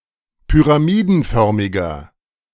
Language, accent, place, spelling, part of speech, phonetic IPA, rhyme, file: German, Germany, Berlin, pyramidenförmiger, adjective, [pyʁaˈmiːdn̩ˌfœʁmɪɡɐ], -iːdn̩fœʁmɪɡɐ, De-pyramidenförmiger.ogg
- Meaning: inflection of pyramidenförmig: 1. strong/mixed nominative masculine singular 2. strong genitive/dative feminine singular 3. strong genitive plural